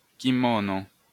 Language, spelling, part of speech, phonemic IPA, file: Esperanto, kimono, noun, /kiˈmono/, LL-Q143 (epo)-kimono.wav